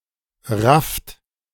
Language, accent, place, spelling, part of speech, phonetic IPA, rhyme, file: German, Germany, Berlin, rafft, verb, [ʁaft], -aft, De-rafft.ogg
- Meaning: inflection of raffen: 1. second-person plural present 2. third-person singular present 3. plural imperative